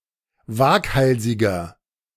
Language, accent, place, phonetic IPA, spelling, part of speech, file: German, Germany, Berlin, [ˈvaːkˌhalzɪɡɐ], waghalsiger, adjective, De-waghalsiger.ogg
- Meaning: 1. comparative degree of waghalsig 2. inflection of waghalsig: strong/mixed nominative masculine singular 3. inflection of waghalsig: strong genitive/dative feminine singular